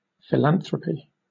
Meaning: 1. Benevolent altruism with the intention of increasing the well-being of humankind 2. Charitable giving, charity 3. A philanthropic act 4. A charitable foundation
- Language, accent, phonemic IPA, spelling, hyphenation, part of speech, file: English, Southern England, /fɪˈlæn.θɹə.pi/, philanthropy, phil‧an‧thro‧py, noun, LL-Q1860 (eng)-philanthropy.wav